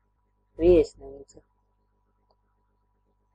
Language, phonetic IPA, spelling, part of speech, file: Latvian, [vìesnīːtsa], viesnīca, noun, Lv-viesnīca.ogg
- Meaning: hotel (establishment that provides accommodation for paying guests)